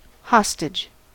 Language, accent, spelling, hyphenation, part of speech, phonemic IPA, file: English, US, hostage, hos‧tage, noun / verb, /ˈhɑs.tɪd͡ʒ/, En-us-hostage.ogg
- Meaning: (noun) A person given as a pledge or security for the performance of the conditions of a treaty or similar agreement, such as to ensure the status of a vassal